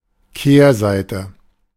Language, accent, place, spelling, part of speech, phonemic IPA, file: German, Germany, Berlin, Kehrseite, noun, /ˈkeːɐ̯ˌzaɪ̯tə/, De-Kehrseite.ogg
- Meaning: 1. reverse, tails (of a coin) 2. other side, contrary, flipside